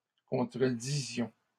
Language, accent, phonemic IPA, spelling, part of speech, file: French, Canada, /kɔ̃.tʁə.di.zjɔ̃/, contredisions, verb, LL-Q150 (fra)-contredisions.wav
- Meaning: inflection of contredire: 1. first-person plural imperfect indicative 2. first-person plural present subjunctive